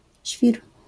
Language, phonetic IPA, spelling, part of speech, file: Polish, [ɕfʲir], świr, noun, LL-Q809 (pol)-świr.wav